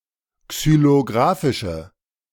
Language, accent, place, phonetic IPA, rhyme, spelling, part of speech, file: German, Germany, Berlin, [ksyloˈɡʁaːfɪʃə], -aːfɪʃə, xylografische, adjective, De-xylografische.ogg
- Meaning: inflection of xylografisch: 1. strong/mixed nominative/accusative feminine singular 2. strong nominative/accusative plural 3. weak nominative all-gender singular